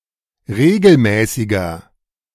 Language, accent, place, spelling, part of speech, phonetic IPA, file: German, Germany, Berlin, regelmäßiger, adjective, [ˈʁeːɡl̩ˌmɛːsɪɡɐ], De-regelmäßiger.ogg
- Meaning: 1. comparative degree of regelmäßig 2. inflection of regelmäßig: strong/mixed nominative masculine singular 3. inflection of regelmäßig: strong genitive/dative feminine singular